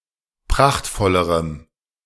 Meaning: strong dative masculine/neuter singular comparative degree of prachtvoll
- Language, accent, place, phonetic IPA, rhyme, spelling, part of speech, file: German, Germany, Berlin, [ˈpʁaxtfɔləʁəm], -axtfɔləʁəm, prachtvollerem, adjective, De-prachtvollerem.ogg